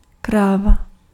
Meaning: 1. cow (female domesticated ox or other bovine, especially an adult after she has had a calf) 2. bitch (objectionable woman) 3. big, large object
- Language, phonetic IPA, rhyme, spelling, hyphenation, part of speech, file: Czech, [ˈkraːva], -aːva, kráva, krá‧va, noun, Cs-kráva.ogg